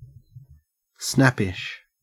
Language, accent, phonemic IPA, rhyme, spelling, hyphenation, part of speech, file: English, Australia, /ˈsnæpɪʃ/, -æpɪʃ, snappish, snap‧pish, adjective, En-au-snappish.ogg
- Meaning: 1. Likely to snap or bite 2. Exhibiting irritation or impatience; curt; irascible